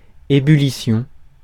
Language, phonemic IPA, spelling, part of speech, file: French, /e.by.li.sjɔ̃/, ébullition, noun, Fr-ébullition.ogg
- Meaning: boiling, ebullition (the act of boiling)